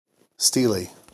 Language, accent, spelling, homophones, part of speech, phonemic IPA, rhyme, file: English, US, steely, steelie / stele, adjective, /ˈstiːli/, -iːli, En-us-steely.ogg
- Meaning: 1. Having qualities resembling those of steel, especially hardness and resoluteness 2. Made of steel